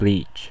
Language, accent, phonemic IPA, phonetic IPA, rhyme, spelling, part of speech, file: English, US, /bliːt͡ʃ/, [blit͡ʃ], -iːtʃ, bleach, noun / verb / adjective, En-us-bleach.ogg
- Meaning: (noun) 1. A chemical, such as sodium hypochlorite or hydrogen peroxide, or a preparation of such a chemical, used for disinfecting or whitening 2. A variety of bleach